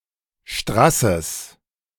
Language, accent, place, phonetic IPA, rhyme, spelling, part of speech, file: German, Germany, Berlin, [ˈʃtʁasəs], -asəs, Strasses, noun, De-Strasses.ogg
- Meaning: genitive singular of Strass and Straß